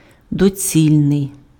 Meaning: expedient (suitable to effect some desired end or the purpose intended)
- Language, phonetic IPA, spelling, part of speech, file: Ukrainian, [doˈt͡sʲilʲnei̯], доцільний, adjective, Uk-доцільний.ogg